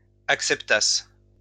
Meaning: third-person plural imperfect subjunctive of accepter
- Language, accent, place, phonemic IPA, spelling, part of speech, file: French, France, Lyon, /ak.sɛp.tas/, acceptassent, verb, LL-Q150 (fra)-acceptassent.wav